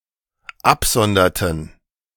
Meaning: inflection of absondern: 1. first/third-person plural dependent preterite 2. first/third-person plural dependent subjunctive II
- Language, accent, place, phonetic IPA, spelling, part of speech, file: German, Germany, Berlin, [ˈapˌzɔndɐtn̩], absonderten, verb, De-absonderten.ogg